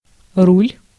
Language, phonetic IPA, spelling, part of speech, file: Russian, [rulʲ], руль, noun, Ru-руль.ogg
- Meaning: 1. rudder 2. helm 3. steering wheel 4. handlebars